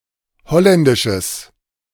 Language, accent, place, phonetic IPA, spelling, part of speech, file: German, Germany, Berlin, [ˈhɔlɛndɪʃəs], holländisches, adjective, De-holländisches.ogg
- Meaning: strong/mixed nominative/accusative neuter singular of holländisch